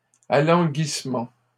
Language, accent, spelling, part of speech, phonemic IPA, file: French, Canada, alanguissement, noun, /a.lɑ̃.ɡis.mɑ̃/, LL-Q150 (fra)-alanguissement.wav
- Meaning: languor